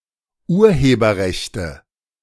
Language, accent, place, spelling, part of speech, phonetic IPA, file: German, Germany, Berlin, Urheberrechte, noun, [ˈuːɐ̯heːbɐˌʁɛçtə], De-Urheberrechte.ogg
- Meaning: nominative/accusative/genitive plural of Urheberrecht